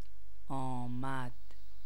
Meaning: third-person singular preterite indicative of آمدن (âmadan)
- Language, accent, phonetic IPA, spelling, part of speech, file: Persian, Iran, [ʔɒː.mæd̪̥], آمد, verb, Fa-آمد.ogg